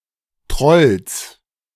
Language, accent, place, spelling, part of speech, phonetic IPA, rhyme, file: German, Germany, Berlin, Trolls, noun, [tʁɔls], -ɔls, De-Trolls.ogg
- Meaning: genitive singular of Troll